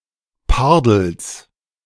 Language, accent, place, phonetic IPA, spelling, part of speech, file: German, Germany, Berlin, [ˈpaʁdl̩s], Pardels, noun, De-Pardels.ogg
- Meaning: genitive singular of Pardel